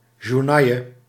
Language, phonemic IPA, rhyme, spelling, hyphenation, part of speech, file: Dutch, /ʒuːrˈnɑ.jə/, -ɑjə, journaille, jour‧nail‧le, noun, Nl-journaille.ogg
- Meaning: gutter-press journalists, yellow journalists (collectively)